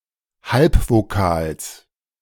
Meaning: genitive singular of Halbvokal
- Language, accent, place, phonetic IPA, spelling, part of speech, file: German, Germany, Berlin, [ˈhalpvoˌkaːls], Halbvokals, noun, De-Halbvokals.ogg